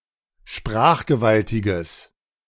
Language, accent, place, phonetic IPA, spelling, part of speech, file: German, Germany, Berlin, [ˈʃpʁaːxɡəˌvaltɪɡəs], sprachgewaltiges, adjective, De-sprachgewaltiges.ogg
- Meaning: strong/mixed nominative/accusative neuter singular of sprachgewaltig